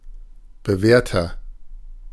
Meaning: 1. comparative degree of bewährt 2. inflection of bewährt: strong/mixed nominative masculine singular 3. inflection of bewährt: strong genitive/dative feminine singular
- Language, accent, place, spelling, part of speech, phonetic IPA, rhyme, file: German, Germany, Berlin, bewährter, adjective, [bəˈvɛːɐ̯tɐ], -ɛːɐ̯tɐ, De-bewährter.ogg